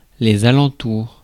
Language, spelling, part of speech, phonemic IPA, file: French, alentours, noun, /a.lɑ̃.tuʁ/, Fr-alentours.ogg
- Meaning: surroundings, neighbouring areas